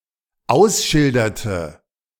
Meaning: inflection of ausschildern: 1. first/third-person singular dependent preterite 2. first/third-person singular dependent subjunctive II
- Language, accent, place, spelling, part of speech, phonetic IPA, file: German, Germany, Berlin, ausschilderte, verb, [ˈaʊ̯sˌʃɪldɐtə], De-ausschilderte.ogg